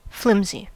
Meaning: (adjective) Likely to bend or break under pressure; easily damaged; frail, unsubstantial
- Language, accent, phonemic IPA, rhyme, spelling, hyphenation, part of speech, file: English, General American, /ˈflɪmzi/, -ɪmzi, flimsy, flim‧sy, adjective / noun / verb, En-us-flimsy.ogg